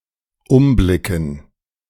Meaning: to look around
- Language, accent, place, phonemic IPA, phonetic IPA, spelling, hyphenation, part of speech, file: German, Germany, Berlin, /ˈʊmblɪkən/, [ˈʊmˌblɪkn̩], umblicken, um‧bli‧cken, verb, De-umblicken.ogg